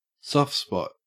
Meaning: 1. A sentimental fondness or affection 2. A point of vulnerability in a defence 3. A fontanelle
- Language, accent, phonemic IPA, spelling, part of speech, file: English, Australia, /sɔft spɔt/, soft spot, noun, En-au-soft spot.ogg